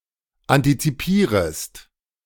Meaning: second-person singular subjunctive I of antizipieren
- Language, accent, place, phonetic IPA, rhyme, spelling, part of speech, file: German, Germany, Berlin, [ˌantit͡siˈpiːʁəst], -iːʁəst, antizipierest, verb, De-antizipierest.ogg